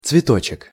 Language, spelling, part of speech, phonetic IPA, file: Russian, цветочек, noun, [t͡svʲɪˈtot͡ɕɪk], Ru-цветочек.ogg
- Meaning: diminutive of цвето́к (cvetók): (small) flower, blossom, floweret, floret